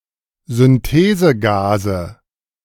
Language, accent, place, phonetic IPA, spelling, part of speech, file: German, Germany, Berlin, [zʏnˈteːzəˌɡaːzə], Synthesegase, noun, De-Synthesegase.ogg
- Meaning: nominative/accusative/genitive plural of Synthesegas